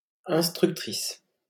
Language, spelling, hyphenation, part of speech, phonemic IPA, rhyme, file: French, instructrice, ins‧truc‧tri‧ce, noun, /ɛ̃s.tʁyk.tʁis/, -is, LL-Q150 (fra)-instructrice.wav
- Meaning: female equivalent of instructeur